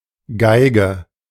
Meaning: violin, fiddle
- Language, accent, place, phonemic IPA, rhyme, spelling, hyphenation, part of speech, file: German, Germany, Berlin, /ˈɡaɪ̯ɡə/, -aɪ̯ɡə, Geige, Gei‧ge, noun, De-Geige.ogg